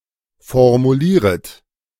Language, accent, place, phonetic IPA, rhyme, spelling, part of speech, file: German, Germany, Berlin, [fɔʁmuˈliːʁət], -iːʁət, formulieret, verb, De-formulieret.ogg
- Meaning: second-person plural subjunctive I of formulieren